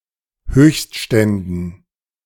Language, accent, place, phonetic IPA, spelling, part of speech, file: German, Germany, Berlin, [ˈhøːçstˌʃtɛndn̩], Höchstständen, noun, De-Höchstständen.ogg
- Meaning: dative plural of Höchststand